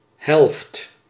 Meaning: half
- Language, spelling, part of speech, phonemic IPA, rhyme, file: Dutch, helft, noun, /ɦɛlft/, -ɛlft, Nl-helft.ogg